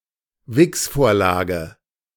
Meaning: masturbation material, for stimulation
- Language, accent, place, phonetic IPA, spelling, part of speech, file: German, Germany, Berlin, [ˈvɪksˌfoːɐ̯laːɡə], Wichsvorlage, noun, De-Wichsvorlage.ogg